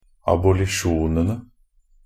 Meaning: definite plural of abolisjon
- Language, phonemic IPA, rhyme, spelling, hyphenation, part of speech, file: Norwegian Bokmål, /abʊlɪˈʃuːnənə/, -ənə, abolisjonene, ab‧o‧li‧sjon‧en‧e, noun, NB - Pronunciation of Norwegian Bokmål «abolisjonene».ogg